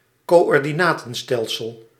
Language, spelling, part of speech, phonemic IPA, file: Dutch, coördinatenstelsel, noun, /koː.ɔr.diˈnaː.tə(n)ˌstɛl.səl/, Nl-coördinatenstelsel.ogg
- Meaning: coordinate system